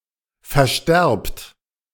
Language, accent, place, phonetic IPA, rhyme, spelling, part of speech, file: German, Germany, Berlin, [fɛɐ̯ˈʃtɛʁpt], -ɛʁpt, versterbt, verb, De-versterbt.ogg
- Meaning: inflection of versterben: 1. second-person plural present 2. plural imperative